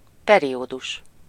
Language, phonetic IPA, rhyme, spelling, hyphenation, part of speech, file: Hungarian, [ˈpɛrijoːduʃ], -uʃ, periódus, pe‧ri‧ó‧dus, noun, Hu-periódus.ogg
- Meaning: 1. period (period of time seen as a single coherent entity) 2. period (row in the periodic table of the elements) 3. period (two phrases)